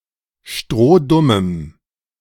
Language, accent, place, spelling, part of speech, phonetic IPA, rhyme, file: German, Germany, Berlin, strohdummem, adjective, [ˈʃtʁoːˈdʊməm], -ʊməm, De-strohdummem.ogg
- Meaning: strong dative masculine/neuter singular of strohdumm